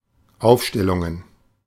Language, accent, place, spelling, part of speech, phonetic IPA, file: German, Germany, Berlin, Aufstellungen, noun, [ˈaʊ̯fˌʃtɛlʊŋən], De-Aufstellungen.ogg
- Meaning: plural of Aufstellung